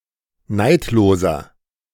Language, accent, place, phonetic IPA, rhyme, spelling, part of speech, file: German, Germany, Berlin, [ˈnaɪ̯tloːzɐ], -aɪ̯tloːzɐ, neidloser, adjective, De-neidloser.ogg
- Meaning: inflection of neidlos: 1. strong/mixed nominative masculine singular 2. strong genitive/dative feminine singular 3. strong genitive plural